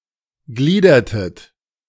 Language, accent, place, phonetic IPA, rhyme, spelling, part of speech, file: German, Germany, Berlin, [ˈɡliːdɐtət], -iːdɐtət, gliedertet, verb, De-gliedertet.ogg
- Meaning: inflection of gliedern: 1. second-person plural preterite 2. second-person plural subjunctive II